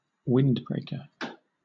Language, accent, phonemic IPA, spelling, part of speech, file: English, Southern England, /ˈwɪndbɹeɪkə(ɹ)/, windbreaker, noun, LL-Q1860 (eng)-windbreaker.wav
- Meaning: A thin jacket designed to resist wind chill and light rain